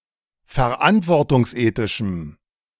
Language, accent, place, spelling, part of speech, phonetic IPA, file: German, Germany, Berlin, verantwortungsethischem, adjective, [fɛɐ̯ˈʔantvɔʁtʊŋsˌʔeːtɪʃm̩], De-verantwortungsethischem.ogg
- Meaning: strong dative masculine/neuter singular of verantwortungsethisch